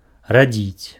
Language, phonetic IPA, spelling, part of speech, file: Belarusian, [raˈd͡zʲit͡sʲ], радзіць, verb, Be-радзіць.ogg
- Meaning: to give birth to someone